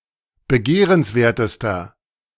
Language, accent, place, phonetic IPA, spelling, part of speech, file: German, Germany, Berlin, [bəˈɡeːʁənsˌveːɐ̯təstɐ], begehrenswertester, adjective, De-begehrenswertester.ogg
- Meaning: inflection of begehrenswert: 1. strong/mixed nominative masculine singular superlative degree 2. strong genitive/dative feminine singular superlative degree